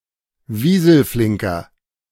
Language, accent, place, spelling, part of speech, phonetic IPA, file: German, Germany, Berlin, wieselflinker, adjective, [ˈviːzl̩ˌflɪŋkɐ], De-wieselflinker.ogg
- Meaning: inflection of wieselflink: 1. strong/mixed nominative masculine singular 2. strong genitive/dative feminine singular 3. strong genitive plural